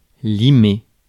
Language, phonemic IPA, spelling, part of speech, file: French, /li.me/, limer, verb, Fr-limer.ogg
- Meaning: 1. to file (for nails, to smooth with a file) 2. to fuck, shag, pound